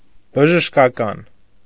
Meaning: medical
- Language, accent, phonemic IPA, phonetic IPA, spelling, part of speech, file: Armenian, Eastern Armenian, /bəʒəʃkɑˈkɑn/, [bəʒəʃkɑkɑ́n], բժշկական, adjective, Hy-բժշկական.ogg